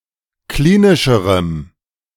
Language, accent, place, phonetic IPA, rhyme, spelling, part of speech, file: German, Germany, Berlin, [ˈkliːnɪʃəʁəm], -iːnɪʃəʁəm, klinischerem, adjective, De-klinischerem.ogg
- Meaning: strong dative masculine/neuter singular comparative degree of klinisch